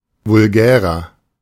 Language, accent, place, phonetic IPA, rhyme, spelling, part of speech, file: German, Germany, Berlin, [vʊlˈɡɛːʁɐ], -ɛːʁɐ, vulgärer, adjective, De-vulgärer.ogg
- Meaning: 1. comparative degree of vulgär 2. inflection of vulgär: strong/mixed nominative masculine singular 3. inflection of vulgär: strong genitive/dative feminine singular